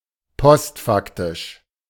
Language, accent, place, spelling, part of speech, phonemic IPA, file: German, Germany, Berlin, postfaktisch, adjective, /ˈpɔstˌfaktɪʃ/, De-postfaktisch.ogg
- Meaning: 1. post-truth 2. postfact, after the fact